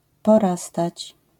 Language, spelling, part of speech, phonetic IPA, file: Polish, porastać, verb, [pɔˈrastat͡ɕ], LL-Q809 (pol)-porastać.wav